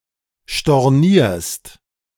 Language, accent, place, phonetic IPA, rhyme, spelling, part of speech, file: German, Germany, Berlin, [ʃtɔʁˈniːɐ̯st], -iːɐ̯st, stornierst, verb, De-stornierst.ogg
- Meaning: second-person singular present of stornieren